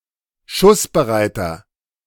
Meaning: inflection of schussbereit: 1. strong/mixed nominative masculine singular 2. strong genitive/dative feminine singular 3. strong genitive plural
- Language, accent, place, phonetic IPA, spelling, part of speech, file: German, Germany, Berlin, [ˈʃʊsbəˌʁaɪ̯tɐ], schussbereiter, adjective, De-schussbereiter.ogg